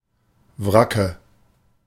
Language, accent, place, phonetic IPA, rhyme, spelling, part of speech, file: German, Germany, Berlin, [ˈvʁakə], -akə, Wracke, noun, De-Wracke.ogg
- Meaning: nominative/accusative/genitive plural of Wrack